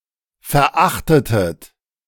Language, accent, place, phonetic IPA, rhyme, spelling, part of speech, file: German, Germany, Berlin, [fɛɐ̯ˈʔaxtətət], -axtətət, verachtetet, verb, De-verachtetet.ogg
- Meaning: inflection of verachten: 1. second-person plural preterite 2. second-person plural subjunctive II